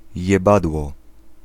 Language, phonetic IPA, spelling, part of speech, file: Polish, [jɛˈbadwɔ], jebadło, noun, Pl-jebadło.ogg